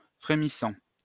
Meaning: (verb) present participle of frémir; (adjective) 1. trembling, shaking, quivering 2. simmering, bubbling
- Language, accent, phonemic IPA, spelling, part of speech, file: French, France, /fʁe.mi.sɑ̃/, frémissant, verb / adjective, LL-Q150 (fra)-frémissant.wav